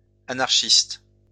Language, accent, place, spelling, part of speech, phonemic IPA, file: French, France, Lyon, anarchistes, noun, /a.naʁ.ʃist/, LL-Q150 (fra)-anarchistes.wav
- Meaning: plural of anarchiste